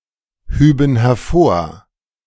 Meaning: first/third-person plural subjunctive II of hervorheben
- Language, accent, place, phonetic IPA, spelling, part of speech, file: German, Germany, Berlin, [ˌhyːbn̩ hɛɐ̯ˈfoːɐ̯], hüben hervor, verb, De-hüben hervor.ogg